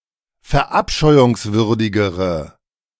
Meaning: inflection of verabscheuungswürdig: 1. strong/mixed nominative/accusative feminine singular comparative degree 2. strong nominative/accusative plural comparative degree
- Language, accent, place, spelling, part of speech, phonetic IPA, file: German, Germany, Berlin, verabscheuungswürdigere, adjective, [fɛɐ̯ˈʔapʃɔɪ̯ʊŋsvʏʁdɪɡəʁə], De-verabscheuungswürdigere.ogg